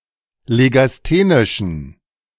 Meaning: inflection of legasthenisch: 1. strong genitive masculine/neuter singular 2. weak/mixed genitive/dative all-gender singular 3. strong/weak/mixed accusative masculine singular 4. strong dative plural
- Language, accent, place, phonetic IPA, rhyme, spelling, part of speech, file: German, Germany, Berlin, [leɡasˈteːnɪʃn̩], -eːnɪʃn̩, legasthenischen, adjective, De-legasthenischen.ogg